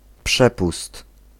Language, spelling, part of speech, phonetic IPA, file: Polish, przepust, noun, [ˈpʃɛpust], Pl-przepust.ogg